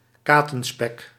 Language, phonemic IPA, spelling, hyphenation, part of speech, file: Dutch, /ˈkaː.tə(n)ˌspɛk/, katenspek, ka‧ten‧spek, noun, Nl-katenspek.ogg
- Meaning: Katenspeck, a hot-steamed type of bacon